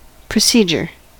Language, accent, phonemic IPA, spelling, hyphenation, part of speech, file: English, US, /pɹəˈsi.d͡ʒɚ/, procedure, pro‧ced‧ure, noun, En-us-procedure.ogg
- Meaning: 1. A particular method for performing a task 2. A series of small tasks or steps taken to accomplish an end